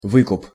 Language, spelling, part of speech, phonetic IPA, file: Russian, выкуп, noun, [ˈvɨkʊp], Ru-выкуп.ogg
- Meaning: 1. ransom 2. redemption, redeeming 3. repurchase; buying-out